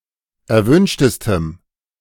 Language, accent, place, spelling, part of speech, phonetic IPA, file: German, Germany, Berlin, erwünschtestem, adjective, [ɛɐ̯ˈvʏnʃtəstəm], De-erwünschtestem.ogg
- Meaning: strong dative masculine/neuter singular superlative degree of erwünscht